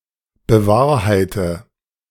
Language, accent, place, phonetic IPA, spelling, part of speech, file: German, Germany, Berlin, [bəˈvaːɐ̯haɪ̯tə], bewahrheite, verb, De-bewahrheite.ogg
- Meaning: inflection of bewahrheiten: 1. first-person singular present 2. first/third-person singular subjunctive I 3. singular imperative